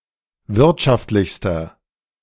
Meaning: inflection of wirtschaftlich: 1. strong/mixed nominative masculine singular superlative degree 2. strong genitive/dative feminine singular superlative degree
- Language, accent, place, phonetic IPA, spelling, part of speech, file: German, Germany, Berlin, [ˈvɪʁtʃaftlɪçstɐ], wirtschaftlichster, adjective, De-wirtschaftlichster.ogg